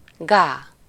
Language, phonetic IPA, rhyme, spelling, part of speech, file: Hungarian, [ˈɡaː], -ɡaː, gá, interjection, Hu-gá.ogg
- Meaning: honk (representation of the sound of a goose)